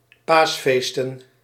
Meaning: plural of paasfeest
- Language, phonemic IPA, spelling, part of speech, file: Dutch, /ˈpasfestə(n)/, paasfeesten, noun, Nl-paasfeesten.ogg